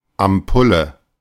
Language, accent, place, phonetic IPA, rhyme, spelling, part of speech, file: German, Germany, Berlin, [amˈpʊlə], -ʊlə, Ampulle, noun, De-Ampulle.ogg
- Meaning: ampoule (small glass vial)